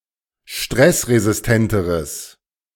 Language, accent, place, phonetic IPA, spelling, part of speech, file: German, Germany, Berlin, [ˈʃtʁɛsʁezɪsˌtɛntəʁəs], stressresistenteres, adjective, De-stressresistenteres.ogg
- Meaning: strong/mixed nominative/accusative neuter singular comparative degree of stressresistent